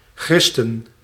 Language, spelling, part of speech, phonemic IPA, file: Dutch, gristen, verb / noun, /ɣrɪs.tən/, Nl-gristen.ogg
- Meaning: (verb) inflection of grissen: 1. plural past indicative 2. plural past subjunctive; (noun) 1. obsolete spelling of christen 2. Jesus freak, God botherer (pejorative for conservative Christians)